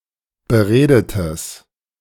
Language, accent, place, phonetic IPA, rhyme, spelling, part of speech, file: German, Germany, Berlin, [bəˈʁeːdətəs], -eːdətəs, beredetes, adjective, De-beredetes.ogg
- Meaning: strong/mixed nominative/accusative neuter singular of beredet